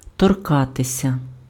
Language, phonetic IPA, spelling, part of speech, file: Ukrainian, [tɔrˈkatesʲɐ], торкатися, verb, Uk-торкатися.ogg
- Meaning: 1. to be in a state of physical contact with 2. to concern; to relate to